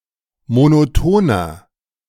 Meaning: 1. comparative degree of monoton 2. inflection of monoton: strong/mixed nominative masculine singular 3. inflection of monoton: strong genitive/dative feminine singular
- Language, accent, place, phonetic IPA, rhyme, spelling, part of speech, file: German, Germany, Berlin, [monoˈtoːnɐ], -oːnɐ, monotoner, adjective, De-monotoner.ogg